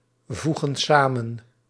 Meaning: inflection of samenvoegen: 1. plural present indicative 2. plural present subjunctive
- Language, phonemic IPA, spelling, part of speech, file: Dutch, /ˈvuɣə(n) ˈsamə(n)/, voegen samen, verb, Nl-voegen samen.ogg